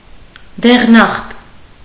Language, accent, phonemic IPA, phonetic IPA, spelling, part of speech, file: Armenian, Eastern Armenian, /deʁˈnɑχt/, [deʁnɑ́χt], դեղնախտ, noun, Hy-դեղնախտ.ogg
- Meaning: jaundice